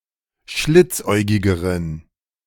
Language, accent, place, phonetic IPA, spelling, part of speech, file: German, Germany, Berlin, [ˈʃlɪt͡sˌʔɔɪ̯ɡɪɡəʁən], schlitzäugigeren, adjective, De-schlitzäugigeren.ogg
- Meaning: inflection of schlitzäugig: 1. strong genitive masculine/neuter singular comparative degree 2. weak/mixed genitive/dative all-gender singular comparative degree